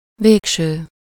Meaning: final, ultimate
- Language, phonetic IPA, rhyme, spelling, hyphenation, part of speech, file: Hungarian, [ˈveːkʃøː], -ʃøː, végső, vég‧ső, adjective, Hu-végső.ogg